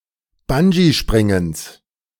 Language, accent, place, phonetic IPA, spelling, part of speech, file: German, Germany, Berlin, [ˈband͡ʒiˌʃpʁɪŋəns], Bungeespringens, noun, De-Bungeespringens.ogg
- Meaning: genitive singular of Bungeespringen